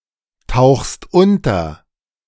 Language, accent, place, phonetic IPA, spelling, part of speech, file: German, Germany, Berlin, [ˌtaʊ̯xst ˈʊntɐ], tauchst unter, verb, De-tauchst unter.ogg
- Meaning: second-person singular present of untertauchen